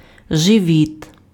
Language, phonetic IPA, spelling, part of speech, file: Ukrainian, [ʒeˈʋʲit], живіт, noun, Uk-живіт.ogg
- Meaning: abdomen, belly, stomach